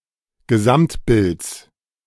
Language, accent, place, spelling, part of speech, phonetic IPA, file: German, Germany, Berlin, Gesamtbilds, noun, [ɡəˈzamtˌbɪlt͡s], De-Gesamtbilds.ogg
- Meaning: genitive of Gesamtbild